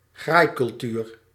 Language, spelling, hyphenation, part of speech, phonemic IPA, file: Dutch, graaicultuur, graai‧cul‧tuur, noun, /ˈɣraːi̯.kʏlˌtyːr/, Nl-graaicultuur.ogg
- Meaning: culture of self-enrichment